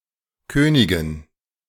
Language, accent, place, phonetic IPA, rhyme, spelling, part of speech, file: German, Germany, Berlin, [ˈkøːnɪɡn̩], -øːnɪɡn̩, Königen, noun, De-Königen.ogg
- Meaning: dative plural of König